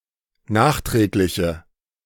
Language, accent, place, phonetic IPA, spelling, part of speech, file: German, Germany, Berlin, [ˈnaːxˌtʁɛːklɪçə], nachträgliche, adjective, De-nachträgliche.ogg
- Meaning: inflection of nachträglich: 1. strong/mixed nominative/accusative feminine singular 2. strong nominative/accusative plural 3. weak nominative all-gender singular